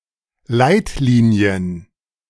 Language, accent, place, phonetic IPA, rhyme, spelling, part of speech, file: German, Germany, Berlin, [ˈlaɪ̯tˌliːni̯ən], -aɪ̯tliːni̯ən, Leitlinien, noun, De-Leitlinien.ogg
- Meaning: plural of Leitlinie